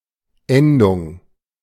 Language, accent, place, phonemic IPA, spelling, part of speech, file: German, Germany, Berlin, /ˈɛndʊŋ/, Endung, noun, De-Endung.ogg
- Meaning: 1. ending 2. ending, desinence, termination 3. case